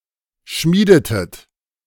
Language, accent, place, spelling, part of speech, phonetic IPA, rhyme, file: German, Germany, Berlin, schmiedetet, verb, [ˈʃmiːdətət], -iːdətət, De-schmiedetet.ogg
- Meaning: inflection of schmieden: 1. second-person plural preterite 2. second-person plural subjunctive II